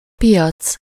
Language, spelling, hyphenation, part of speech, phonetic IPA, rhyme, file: Hungarian, piac, pi‧ac, noun, [ˈpijɒt͡s], -ɒt͡s, Hu-piac.ogg
- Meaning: market, marketplace (city square or other fairly spacious site where traders set up stalls and buyers browse the merchandise)